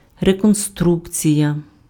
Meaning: reconstruction (act of rebuilding or restoring)
- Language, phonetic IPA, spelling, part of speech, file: Ukrainian, [rekonˈstrukt͡sʲijɐ], реконструкція, noun, Uk-реконструкція.ogg